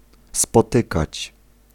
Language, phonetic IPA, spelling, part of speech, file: Polish, [spɔˈtɨkat͡ɕ], spotykać, verb, Pl-spotykać.ogg